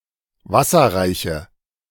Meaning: inflection of wasserreich: 1. strong/mixed nominative/accusative feminine singular 2. strong nominative/accusative plural 3. weak nominative all-gender singular
- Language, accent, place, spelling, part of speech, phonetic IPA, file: German, Germany, Berlin, wasserreiche, adjective, [ˈvasɐʁaɪ̯çə], De-wasserreiche.ogg